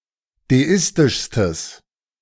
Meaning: strong/mixed nominative/accusative neuter singular superlative degree of deistisch
- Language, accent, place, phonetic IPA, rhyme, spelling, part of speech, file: German, Germany, Berlin, [deˈɪstɪʃstəs], -ɪstɪʃstəs, deistischstes, adjective, De-deistischstes.ogg